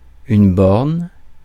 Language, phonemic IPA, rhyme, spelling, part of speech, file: French, /bɔʁn/, -ɔʁn, borne, noun, Fr-borne.ogg
- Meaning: 1. bollard such as those used to restrict automobiles off a pedestrian area 2. territorial boundary marker 3. territorial or geographical border 4. milestone such as those alongside a roadway